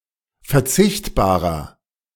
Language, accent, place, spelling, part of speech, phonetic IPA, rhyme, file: German, Germany, Berlin, verzichtbarer, adjective, [fɛɐ̯ˈt͡sɪçtbaːʁɐ], -ɪçtbaːʁɐ, De-verzichtbarer.ogg
- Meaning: 1. comparative degree of verzichtbar 2. inflection of verzichtbar: strong/mixed nominative masculine singular 3. inflection of verzichtbar: strong genitive/dative feminine singular